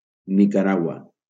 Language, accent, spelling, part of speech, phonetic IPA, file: Catalan, Valencia, Nicaragua, proper noun, [ni.kaˈɾa.ɣwa], LL-Q7026 (cat)-Nicaragua.wav
- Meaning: Nicaragua (a country in Central America)